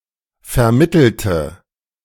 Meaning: inflection of vermitteln: 1. first/third-person singular preterite 2. first/third-person singular subjunctive II
- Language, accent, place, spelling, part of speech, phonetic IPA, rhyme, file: German, Germany, Berlin, vermittelte, adjective / verb, [fɛɐ̯ˈmɪtl̩tə], -ɪtl̩tə, De-vermittelte.ogg